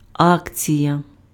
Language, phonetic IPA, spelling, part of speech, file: Ukrainian, [ˈakt͡sʲijɐ], акція, noun, Uk-акція.ogg
- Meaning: 1. share (financial instrument certifying part-ownership of a company) 2. action